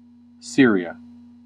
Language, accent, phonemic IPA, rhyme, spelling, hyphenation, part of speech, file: English, US, /ˈsɪɹi.ə/, -ɪɹiə, Syria, Syr‧ia, proper noun, En-us-Syria.ogg
- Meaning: A country in West Asia in the Middle East. Official name: Syrian Arab Republic. Capital: Damascus